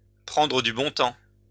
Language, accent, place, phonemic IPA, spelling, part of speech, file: French, France, Lyon, /pʁɑ̃.dʁə dy bɔ̃ tɑ̃/, prendre du bon temps, verb, LL-Q150 (fra)-prendre du bon temps.wav
- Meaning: to relax, to have some fun, to enjoy oneself, to have a good time